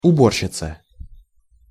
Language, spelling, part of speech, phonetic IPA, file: Russian, уборщица, noun, [ʊˈborɕːɪt͡sə], Ru-уборщица.ogg
- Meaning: female equivalent of убо́рщик (ubórščik): female cleaner, duster, charwoman